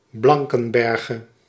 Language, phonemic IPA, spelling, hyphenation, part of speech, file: Dutch, /ˈblɑŋ.kə(n)ˌbɛr.ɣə/, Blankenberge, Blan‧ken‧ber‧ge, proper noun, Nl-Blankenberge.ogg
- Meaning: a municipality and town on the coast of Belgium